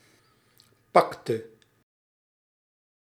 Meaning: inflection of pakken: 1. singular past indicative 2. singular past subjunctive
- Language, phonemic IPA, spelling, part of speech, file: Dutch, /ˈpɑktə/, pakte, verb, Nl-pakte.ogg